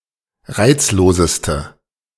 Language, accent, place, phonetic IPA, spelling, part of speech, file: German, Germany, Berlin, [ˈʁaɪ̯t͡sloːzəstə], reizloseste, adjective, De-reizloseste.ogg
- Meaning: inflection of reizlos: 1. strong/mixed nominative/accusative feminine singular superlative degree 2. strong nominative/accusative plural superlative degree